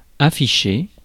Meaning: 1. to put up (a notice etc) 2. to display 3. to show 4. to flaunt 5. display
- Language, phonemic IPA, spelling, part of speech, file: French, /a.fi.ʃe/, afficher, verb, Fr-afficher.ogg